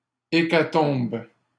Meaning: plural of hécatombe
- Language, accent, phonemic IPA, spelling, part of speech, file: French, Canada, /e.ka.tɔ̃b/, hécatombes, noun, LL-Q150 (fra)-hécatombes.wav